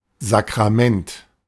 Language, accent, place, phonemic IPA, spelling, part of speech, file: German, Germany, Berlin, /zakʁaˈmɛnt/, Sakrament, noun, De-Sakrament.ogg
- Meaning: sacrament